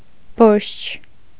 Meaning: alternative form of բորշ (borš)
- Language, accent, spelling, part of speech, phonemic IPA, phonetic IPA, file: Armenian, Eastern Armenian, բորշչ, noun, /boɾʃt͡ʃʰ/, [boɾʃt͡ʃʰ], Hy-բորշչ.ogg